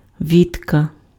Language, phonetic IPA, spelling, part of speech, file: Ukrainian, [ˈʋʲitkɐ], вітка, noun, Uk-вітка.ogg
- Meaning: a small branch, twig